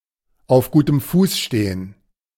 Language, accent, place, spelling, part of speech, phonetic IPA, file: German, Germany, Berlin, auf gutem Fuß stehen, phrase, [aʊ̯f ˌɡuːtəm ˈfuːs ˌʃteːən], De-auf gutem Fuß stehen.ogg
- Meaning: to be on good terms